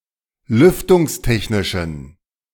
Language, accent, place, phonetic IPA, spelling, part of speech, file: German, Germany, Berlin, [ˈlʏftʊŋsˌtɛçnɪʃn̩], lüftungstechnischen, adjective, De-lüftungstechnischen.ogg
- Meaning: inflection of lüftungstechnisch: 1. strong genitive masculine/neuter singular 2. weak/mixed genitive/dative all-gender singular 3. strong/weak/mixed accusative masculine singular